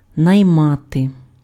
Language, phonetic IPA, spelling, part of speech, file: Ukrainian, [nɐi̯ˈmate], наймати, verb, Uk-наймати.ogg
- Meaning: to hire (employ)